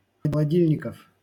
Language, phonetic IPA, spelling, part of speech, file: Russian, [xəɫɐˈdʲilʲnʲɪkəf], холодильников, noun, LL-Q7737 (rus)-холодильников.wav
- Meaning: genitive plural of холоди́льник (xolodílʹnik)